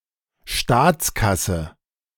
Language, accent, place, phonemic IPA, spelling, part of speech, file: German, Germany, Berlin, /ˈʃtaːtsˌkasə/, Staatskasse, noun, De-Staatskasse.ogg
- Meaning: coffers (of the state)